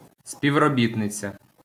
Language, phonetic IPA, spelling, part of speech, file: Ukrainian, [sʲpʲiu̯roˈbʲitnet͡sʲɐ], співробітниця, noun, LL-Q8798 (ukr)-співробітниця.wav
- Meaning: female equivalent of співробі́тник (spivrobítnyk)